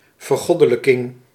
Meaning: deification, apotheosis
- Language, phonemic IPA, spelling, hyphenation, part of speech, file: Dutch, /vərˈɣɔ.də.lə.kɪŋ/, vergoddelijking, ver‧god‧de‧lij‧king, noun, Nl-vergoddelijking.ogg